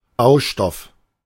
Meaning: 1. building material 2. nutrient
- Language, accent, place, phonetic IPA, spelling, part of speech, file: German, Germany, Berlin, [ˈbaʊ̯ˌʃtɔf], Baustoff, noun, De-Baustoff.ogg